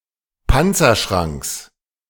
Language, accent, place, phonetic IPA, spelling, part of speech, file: German, Germany, Berlin, [ˈpant͡sɐˌʃʁaŋks], Panzerschranks, noun, De-Panzerschranks.ogg
- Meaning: genitive singular of Panzerschrank